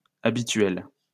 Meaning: feminine plural of habituel
- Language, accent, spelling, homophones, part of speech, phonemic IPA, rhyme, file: French, France, habituelles, habituel / habituelle / habituels, adjective, /a.bi.tɥɛl/, -ɛl, LL-Q150 (fra)-habituelles.wav